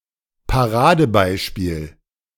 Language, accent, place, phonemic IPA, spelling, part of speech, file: German, Germany, Berlin, /paˈʁaːdəˌbaɪ̯ʃpiːl/, Paradebeispiel, noun, De-Paradebeispiel.ogg
- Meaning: prime example; poster child